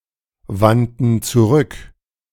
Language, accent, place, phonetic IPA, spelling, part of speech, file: German, Germany, Berlin, [ˌvantn̩ t͡suˈʁʏk], wandten zurück, verb, De-wandten zurück.ogg
- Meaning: first/third-person plural preterite of zurückwenden